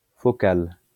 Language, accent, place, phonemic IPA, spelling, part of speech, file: French, France, Lyon, /fɔ.kal/, focal, adjective, LL-Q150 (fra)-focal.wav
- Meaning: focal